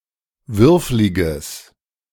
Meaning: strong/mixed nominative/accusative neuter singular of würflig
- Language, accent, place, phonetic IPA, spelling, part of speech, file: German, Germany, Berlin, [ˈvʏʁflɪɡəs], würfliges, adjective, De-würfliges.ogg